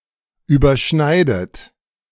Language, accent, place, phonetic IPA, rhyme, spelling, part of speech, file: German, Germany, Berlin, [yːbɐˈʃnaɪ̯dət], -aɪ̯dət, überschneidet, verb, De-überschneidet.ogg
- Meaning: inflection of überschneiden: 1. third-person singular present 2. second-person plural present 3. second-person plural subjunctive I 4. plural imperative